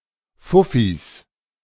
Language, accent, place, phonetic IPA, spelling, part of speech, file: German, Germany, Berlin, [ˈfʊfis], Fuffis, noun, De-Fuffis.ogg
- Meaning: plural of Fuffi